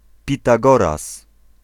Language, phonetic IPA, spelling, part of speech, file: Polish, [ˌpʲitaˈɡɔras], Pitagoras, proper noun, Pl-Pitagoras.ogg